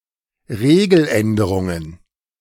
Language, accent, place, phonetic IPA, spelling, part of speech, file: German, Germany, Berlin, [ˈʁeːɡl̩ˌʔɛndəʁʊŋən], Regeländerungen, noun, De-Regeländerungen.ogg
- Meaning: plural of Regeländerung